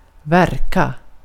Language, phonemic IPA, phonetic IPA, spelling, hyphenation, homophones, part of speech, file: Swedish, /ˈvɛrˌka/, [ˈværːˌkʲa], verka, ver‧ka, värka, verb, Sv-verka.ogg
- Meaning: 1. to work, to act 2. to seem as, appear, to have an appearance as of 3. to pare or trim the hoof of a horse